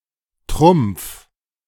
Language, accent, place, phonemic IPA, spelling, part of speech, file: German, Germany, Berlin, /trʊm(p)f/, Trumpf, noun / proper noun, De-Trumpf.ogg
- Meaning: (noun) trump; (proper noun) a surname